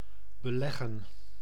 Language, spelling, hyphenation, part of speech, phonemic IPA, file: Dutch, beleggen, be‧leg‧gen, verb, /bəˈlɛɣə(n)/, Nl-beleggen.ogg
- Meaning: 1. to cover, smear, butter, spread over (e.g. a piece of bread with butter and jam) 2. to invest money 3. to convoke, to call a meeting 4. to belay, to fasten (a rope), to fasten (with rope)